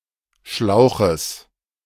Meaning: genitive singular of Schlauch
- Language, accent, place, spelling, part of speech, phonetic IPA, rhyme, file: German, Germany, Berlin, Schlauches, noun, [ˈʃlaʊ̯xəs], -aʊ̯xəs, De-Schlauches.ogg